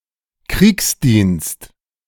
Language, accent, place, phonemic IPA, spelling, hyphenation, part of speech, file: German, Germany, Berlin, /ˈkʁiːksˌdiːnst/, Kriegsdienst, Kriegs‧dienst, noun, De-Kriegsdienst.ogg
- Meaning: 1. a soldier's service in wartime 2. military service